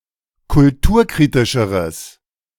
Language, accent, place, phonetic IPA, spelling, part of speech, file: German, Germany, Berlin, [kʊlˈtuːɐ̯ˌkʁiːtɪʃəʁəs], kulturkritischeres, adjective, De-kulturkritischeres.ogg
- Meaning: strong/mixed nominative/accusative neuter singular comparative degree of kulturkritisch